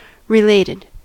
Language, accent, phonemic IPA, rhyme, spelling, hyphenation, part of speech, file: English, US, /ɹɪˈleɪtɪd/, -eɪtɪd, related, re‧lated, adjective / verb, En-us-related.ogg
- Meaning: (adjective) 1. Standing in relation or connection 2. Being a relative of 3. Narrated; told 4. Synonym of relative 5. Fulfilling a relation 6. Having a relationship with the thing named